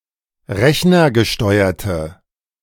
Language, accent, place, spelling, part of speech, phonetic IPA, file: German, Germany, Berlin, rechnergesteuerte, adjective, [ˈʁɛçnɐɡəˌʃtɔɪ̯ɐtə], De-rechnergesteuerte.ogg
- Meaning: inflection of rechnergesteuert: 1. strong/mixed nominative/accusative feminine singular 2. strong nominative/accusative plural 3. weak nominative all-gender singular